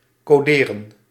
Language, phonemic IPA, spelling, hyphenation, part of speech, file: Dutch, /koːˈdeːrə(n)/, coderen, co‧de‧ren, verb, Nl-coderen.ogg
- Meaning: 1. to encode, encrypt 2. to write (computer) code